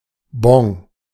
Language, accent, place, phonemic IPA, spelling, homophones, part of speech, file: German, Germany, Berlin, /bɔ̃/, Bon, Bong, noun, De-Bon.ogg
- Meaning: voucher: 1. receipt 2. coupon